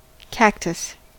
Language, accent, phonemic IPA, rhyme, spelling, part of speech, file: English, US, /ˈkæktəs/, -æktəs, cactus, noun / adjective, En-us-cactus.ogg
- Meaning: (noun) Any member of the family Cactaceae, a family of flowering New World succulent plants suited to a hot, semi-desert climate